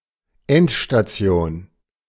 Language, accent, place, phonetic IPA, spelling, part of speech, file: German, Germany, Berlin, [ˈɛntʃtaˌt͡si̯oːn], Endstation, noun, De-Endstation.ogg
- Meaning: end of the line, terminus